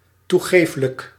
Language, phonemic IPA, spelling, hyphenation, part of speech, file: Dutch, /tuˈɣeːf.lək/, toegeeflijk, toe‧geef‧lijk, adjective, Nl-toegeeflijk.ogg
- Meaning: lenient, forgiving, permissive, concessive